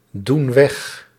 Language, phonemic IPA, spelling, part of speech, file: Dutch, /ˈdun ˈwɛx/, doen weg, verb, Nl-doen weg.ogg
- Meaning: inflection of wegdoen: 1. plural present indicative 2. plural present subjunctive